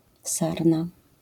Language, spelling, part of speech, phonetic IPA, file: Polish, sarna, noun, [ˈsarna], LL-Q809 (pol)-sarna.wav